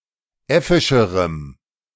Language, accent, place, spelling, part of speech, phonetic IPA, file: German, Germany, Berlin, äffischerem, adjective, [ˈɛfɪʃəʁəm], De-äffischerem.ogg
- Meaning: strong dative masculine/neuter singular comparative degree of äffisch